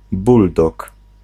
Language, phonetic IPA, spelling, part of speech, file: Polish, [ˈbuldɔk], buldog, noun, Pl-buldog.ogg